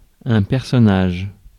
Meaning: 1. character (in a play, program, film) 2. person
- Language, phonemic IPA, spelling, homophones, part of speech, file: French, /pɛʁ.sɔ.naʒ/, personnage, personnages, noun, Fr-personnage.ogg